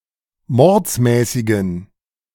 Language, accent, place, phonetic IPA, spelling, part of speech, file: German, Germany, Berlin, [ˈmɔʁt͡smɛːsɪɡn̩], mordsmäßigen, adjective, De-mordsmäßigen.ogg
- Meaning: inflection of mordsmäßig: 1. strong genitive masculine/neuter singular 2. weak/mixed genitive/dative all-gender singular 3. strong/weak/mixed accusative masculine singular 4. strong dative plural